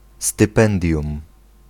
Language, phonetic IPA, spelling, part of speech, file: Polish, [stɨˈpɛ̃ndʲjũm], stypendium, noun, Pl-stypendium.ogg